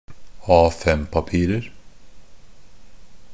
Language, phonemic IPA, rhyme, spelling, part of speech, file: Norwegian Bokmål, /ˈɑːfɛmpapiːrər/, -ər, A5-papirer, noun, NB - Pronunciation of Norwegian Bokmål «A5-papirer».ogg
- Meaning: indefinite plural of A5-papir